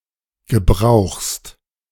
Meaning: second-person singular present of gebrauchen
- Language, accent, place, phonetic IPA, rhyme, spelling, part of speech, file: German, Germany, Berlin, [ɡəˈbʁaʊ̯xst], -aʊ̯xst, gebrauchst, verb, De-gebrauchst.ogg